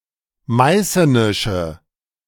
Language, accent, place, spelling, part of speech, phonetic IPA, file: German, Germany, Berlin, meißenische, adjective, [ˈmaɪ̯sənɪʃə], De-meißenische.ogg
- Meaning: inflection of meißenisch: 1. strong/mixed nominative/accusative feminine singular 2. strong nominative/accusative plural 3. weak nominative all-gender singular